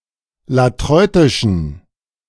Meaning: inflection of latreutisch: 1. strong genitive masculine/neuter singular 2. weak/mixed genitive/dative all-gender singular 3. strong/weak/mixed accusative masculine singular 4. strong dative plural
- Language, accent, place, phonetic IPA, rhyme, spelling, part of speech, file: German, Germany, Berlin, [laˈtʁɔɪ̯tɪʃn̩], -ɔɪ̯tɪʃn̩, latreutischen, adjective, De-latreutischen.ogg